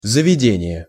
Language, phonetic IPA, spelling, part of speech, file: Russian, [zəvʲɪˈdʲenʲɪje], заведение, noun, Ru-заведение.ogg
- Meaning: institution, establishment